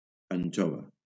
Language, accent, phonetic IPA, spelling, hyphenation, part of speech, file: Catalan, Valencia, [aɲˈt͡ʃɔ.va], anxova, an‧xo‧va, noun, LL-Q7026 (cat)-anxova.wav
- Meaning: anchovy